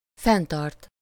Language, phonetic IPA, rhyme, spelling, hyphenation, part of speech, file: Hungarian, [ˈfɛntɒrt], -ɒrt, fenntart, fenn‧tart, verb, Hu-fenntart.ogg
- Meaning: 1. to maintain (to keep up) 2. to support (to provide for someone's needs in life)